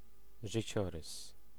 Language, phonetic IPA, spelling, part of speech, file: Polish, [ʒɨˈt͡ɕɔrɨs], życiorys, noun, Pl-życiorys.ogg